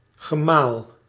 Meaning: 1. a consort 2. a husband 3. the act or process of grinding (of grain) 4. a pump house, mill, pumping-engine or several of these used for draining polders
- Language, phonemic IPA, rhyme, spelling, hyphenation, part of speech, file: Dutch, /ɣəˈmaːl/, -aːl, gemaal, ge‧maal, noun, Nl-gemaal.ogg